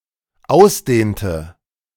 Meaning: inflection of ausdehnen: 1. first/third-person singular dependent preterite 2. first/third-person singular dependent subjunctive II
- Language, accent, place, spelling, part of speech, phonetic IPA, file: German, Germany, Berlin, ausdehnte, verb, [ˈaʊ̯sˌdeːntə], De-ausdehnte.ogg